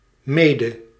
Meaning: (adverb) 1. co- 2. with someone or something else (mee); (noun) mead (fermented drink made from honey); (verb) singular past subjunctive of mijden
- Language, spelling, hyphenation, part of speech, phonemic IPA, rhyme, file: Dutch, mede, me‧de, adverb / noun / verb, /ˈmeː.də/, -eːdə, Nl-mede.ogg